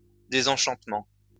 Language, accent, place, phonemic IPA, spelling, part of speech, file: French, France, Lyon, /de.zɑ̃.ʃɑ̃t.mɑ̃/, désenchantement, noun, LL-Q150 (fra)-désenchantement.wav
- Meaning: disenchantment